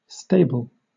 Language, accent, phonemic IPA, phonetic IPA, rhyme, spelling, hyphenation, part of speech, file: English, Southern England, /ˈsteɪ.bəl/, [ˈsteɪ.bɫ̩], -eɪbəl, stable, sta‧ble, noun / verb / adjective, LL-Q1860 (eng)-stable.wav
- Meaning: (noun) A building, wing or dependency set apart and adapted for lodging and feeding (and training) ungulates, especially horses